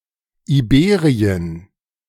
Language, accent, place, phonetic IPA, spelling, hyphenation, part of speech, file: German, Germany, Berlin, [iˈbeːʁiən], Iberien, Ibe‧ri‧en, proper noun, De-Iberien.ogg
- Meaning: Iberia (a peninsula and region of Europe south of the Pyrenees, consisting of Andorra, Spain, Portugal, and Gibraltar)